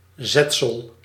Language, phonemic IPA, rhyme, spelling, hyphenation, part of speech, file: Dutch, /ˈzɛt.səl/, -ɛtsəl, zetsel, zet‧sel, noun, Nl-zetsel.ogg
- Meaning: 1. typeset type 2. brew, prepared tea or coffee